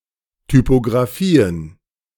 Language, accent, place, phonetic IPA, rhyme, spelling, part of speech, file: German, Germany, Berlin, [typoɡʁaˈfiːən], -iːən, Typographien, noun, De-Typographien.ogg
- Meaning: plural of Typographie